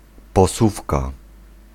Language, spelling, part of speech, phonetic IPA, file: Polish, posuwka, noun, [pɔˈsufka], Pl-posuwka.ogg